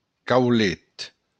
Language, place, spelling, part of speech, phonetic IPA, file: Occitan, Béarn, caulet, noun, [kawˈlet], LL-Q14185 (oci)-caulet.wav
- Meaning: (Brassica spp.) cabbage